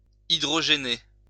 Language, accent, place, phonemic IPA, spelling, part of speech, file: French, France, Lyon, /i.dʁɔ.ʒe.ne/, hydrogéner, verb, LL-Q150 (fra)-hydrogéner.wav
- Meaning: to hydrogenate